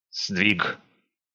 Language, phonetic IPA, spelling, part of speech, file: Russian, [zdvʲik], сдвиг, noun, Ru-сдвиг.ogg
- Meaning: 1. shift, displacement 2. change for the better, progress, improvement 3. displacement, dislocation 4. shear